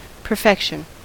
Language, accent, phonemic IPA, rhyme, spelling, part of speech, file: English, US, /pɚˈfɛk.ʃən/, -ɛkʃən, perfection, noun / verb, En-us-perfection.ogg
- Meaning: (noun) The quality or state of being perfect or complete, so that nothing substandard remains; the highest attainable state or degree of excellence